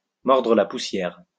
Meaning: to bite the dust (all senses)
- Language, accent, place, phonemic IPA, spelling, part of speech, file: French, France, Lyon, /mɔʁ.dʁə la pu.sjɛʁ/, mordre la poussière, verb, LL-Q150 (fra)-mordre la poussière.wav